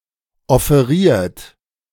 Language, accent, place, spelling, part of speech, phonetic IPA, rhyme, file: German, Germany, Berlin, offeriert, verb, [ɔfeˈʁiːɐ̯t], -iːɐ̯t, De-offeriert.ogg
- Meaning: 1. past participle of offerieren 2. inflection of offerieren: third-person singular present 3. inflection of offerieren: second-person plural present 4. inflection of offerieren: plural imperative